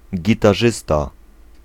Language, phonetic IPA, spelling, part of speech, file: Polish, [ˌɟitaˈʒɨsta], gitarzysta, noun, Pl-gitarzysta.ogg